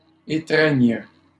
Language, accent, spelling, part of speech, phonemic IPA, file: French, Canada, étreigne, verb, /e.tʁɛɲ/, LL-Q150 (fra)-étreigne.wav
- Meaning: first/third-person singular present subjunctive of étreindre